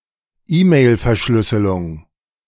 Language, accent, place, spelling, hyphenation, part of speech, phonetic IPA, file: German, Germany, Berlin, E-Mail-Verschlüsselung, E-Mail-Ver‧schlüs‧se‧lung, noun, [ˈiːmeɪ̯lfɛɐ̯ˌʃlʏsəlʊŋ], De-E-Mail-Verschlüsselung.ogg
- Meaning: e-mail encryption